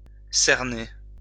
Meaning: 1. to surround 2. to figure out; to distinguish, identify the boundaries of
- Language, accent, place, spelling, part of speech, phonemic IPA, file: French, France, Lyon, cerner, verb, /sɛʁ.ne/, LL-Q150 (fra)-cerner.wav